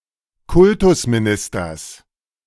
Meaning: genitive singular of Kultusminister
- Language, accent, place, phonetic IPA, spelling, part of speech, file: German, Germany, Berlin, [ˈkʊltʊsmiˌnɪstɐs], Kultusministers, noun, De-Kultusministers.ogg